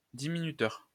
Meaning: subtrahend
- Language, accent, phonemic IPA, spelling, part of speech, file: French, France, /di.mi.ny.tœʁ/, diminuteur, noun, LL-Q150 (fra)-diminuteur.wav